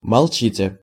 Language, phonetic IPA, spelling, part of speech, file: Russian, [mɐɫˈt͡ɕitʲe], молчите, verb, Ru-молчите.ogg
- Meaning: inflection of молча́ть (molčátʹ): 1. second-person plural present indicative imperfective 2. second-person plural imperative imperfective